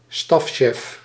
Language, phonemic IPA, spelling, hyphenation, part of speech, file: Dutch, /ˈstɑf.ʃɛf/, stafchef, staf‧chef, noun, Nl-stafchef.ogg
- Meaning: a chief of staff